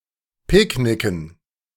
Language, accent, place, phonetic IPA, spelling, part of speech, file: German, Germany, Berlin, [ˈpɪkˌnɪkn̩], picknicken, verb, De-picknicken.ogg
- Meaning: to picnic, to have a picnic